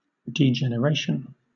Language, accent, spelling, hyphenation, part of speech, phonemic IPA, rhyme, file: English, Southern England, degeneration, de‧gen‧er‧ation, noun, /dɪˌdʒɛnəˈɹeɪʃən/, -eɪʃən, LL-Q1860 (eng)-degeneration.wav
- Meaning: The process or state of growing worse, or the state of having become worse